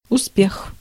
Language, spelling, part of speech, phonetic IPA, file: Russian, успех, noun, [ʊˈspʲex], Ru-успех.ogg
- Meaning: success, progress